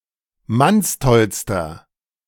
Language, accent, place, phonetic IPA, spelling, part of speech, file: German, Germany, Berlin, [ˈmansˌtɔlstɐ], mannstollster, adjective, De-mannstollster.ogg
- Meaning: inflection of mannstoll: 1. strong/mixed nominative masculine singular superlative degree 2. strong genitive/dative feminine singular superlative degree 3. strong genitive plural superlative degree